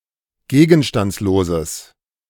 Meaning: strong/mixed nominative/accusative neuter singular of gegenstandslos
- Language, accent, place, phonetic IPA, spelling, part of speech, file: German, Germany, Berlin, [ˈɡeːɡn̩ʃtant͡sloːzəs], gegenstandsloses, adjective, De-gegenstandsloses.ogg